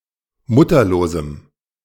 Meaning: strong dative masculine/neuter singular of mutterlos
- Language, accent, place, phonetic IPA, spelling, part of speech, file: German, Germany, Berlin, [ˈmʊtɐloːzm̩], mutterlosem, adjective, De-mutterlosem.ogg